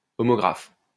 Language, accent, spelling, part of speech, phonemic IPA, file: French, France, homographe, noun, /ɔ.mɔ.ɡʁaf/, LL-Q150 (fra)-homographe.wav
- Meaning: homograph